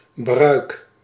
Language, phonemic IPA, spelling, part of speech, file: Dutch, /brœyk/, bruik, noun / verb, Nl-bruik.ogg
- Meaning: inflection of bruiken: 1. first-person singular present indicative 2. second-person singular present indicative 3. imperative